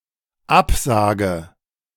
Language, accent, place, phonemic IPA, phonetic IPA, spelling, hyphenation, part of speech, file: German, Germany, Berlin, /ˈapˌsaːɡə/, [ˈʔapˌsaːɡə], Absage, Ab‧sa‧ge, noun, De-Absage.ogg
- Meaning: 1. refusal, rejection 2. cancellation